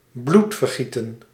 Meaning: 1. bloodshed (violent loss of life) 2. bloodletting (removal of blood from the veins)
- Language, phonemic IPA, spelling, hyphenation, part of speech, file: Dutch, /ˈblut.vərˌɣi.tə(n)/, bloedvergieten, bloed‧ver‧gie‧ten, noun, Nl-bloedvergieten.ogg